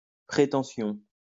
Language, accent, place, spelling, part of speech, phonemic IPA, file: French, France, Lyon, prétention, noun, /pʁe.tɑ̃.sjɔ̃/, LL-Q150 (fra)-prétention.wav
- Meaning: 1. pretentiousness 2. pretension 3. claim 4. pretentious person 5. asking wage